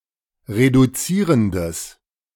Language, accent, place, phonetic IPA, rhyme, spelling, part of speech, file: German, Germany, Berlin, [ʁeduˈt͡siːʁəndəs], -iːʁəndəs, reduzierendes, adjective, De-reduzierendes.ogg
- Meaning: strong/mixed nominative/accusative neuter singular of reduzierend